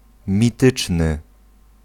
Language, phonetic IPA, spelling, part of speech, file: Polish, [mʲiˈtɨt͡ʃnɨ], mityczny, adjective, Pl-mityczny.ogg